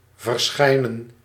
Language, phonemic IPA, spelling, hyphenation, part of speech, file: Dutch, /vərˈsxɛi̯.nə(n)/, verschijnen, ver‧schij‧nen, verb, Nl-verschijnen.ogg
- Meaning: 1. to appear, show up 2. to be published